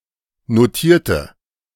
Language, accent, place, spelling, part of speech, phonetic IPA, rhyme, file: German, Germany, Berlin, notierte, adjective / verb, [noˈtiːɐ̯tə], -iːɐ̯tə, De-notierte.ogg
- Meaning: inflection of notiert: 1. strong/mixed nominative/accusative feminine singular 2. strong nominative/accusative plural 3. weak nominative all-gender singular 4. weak accusative feminine/neuter singular